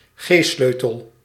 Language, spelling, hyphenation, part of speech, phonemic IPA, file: Dutch, g-sleutel, g-sleu‧tel, noun, /ˈɣeːˌsløː.təl/, Nl-g-sleutel.ogg
- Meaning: G-clef